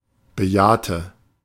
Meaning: inflection of bejahen: 1. first/third-person singular preterite 2. first/third-person singular subjunctive II
- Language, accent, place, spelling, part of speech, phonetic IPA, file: German, Germany, Berlin, bejahte, verb, [bəˈjaːtə], De-bejahte.ogg